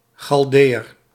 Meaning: Chaldean
- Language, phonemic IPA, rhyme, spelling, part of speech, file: Dutch, /ˌxɑlˈdeː.ər/, -eːər, Chaldeeër, noun, Nl-Chaldeeër.ogg